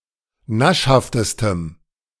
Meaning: strong dative masculine/neuter singular superlative degree of naschhaft
- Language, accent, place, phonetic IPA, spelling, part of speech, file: German, Germany, Berlin, [ˈnaʃhaftəstəm], naschhaftestem, adjective, De-naschhaftestem.ogg